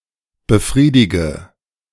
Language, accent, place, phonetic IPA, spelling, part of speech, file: German, Germany, Berlin, [bəˈfʁiːdɪɡə], befriedige, verb, De-befriedige.ogg
- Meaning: inflection of befriedigen: 1. first-person singular present 2. singular imperative 3. first/third-person singular subjunctive I